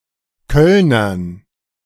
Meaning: dative plural of Kölner
- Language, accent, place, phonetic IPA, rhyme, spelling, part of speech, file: German, Germany, Berlin, [ˈkœlnɐn], -œlnɐn, Kölnern, noun, De-Kölnern.ogg